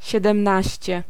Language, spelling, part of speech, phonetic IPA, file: Polish, siedemnaście, adjective, [ˌɕɛdɛ̃mˈnaɕt͡ɕɛ], Pl-siedemnaście.ogg